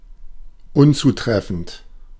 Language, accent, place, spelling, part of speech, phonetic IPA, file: German, Germany, Berlin, unzutreffend, adjective, [ˈʊnt͡suˌtʁɛfn̩t], De-unzutreffend.ogg
- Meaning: 1. inapplicable 2. incorrect, inappropriate, improper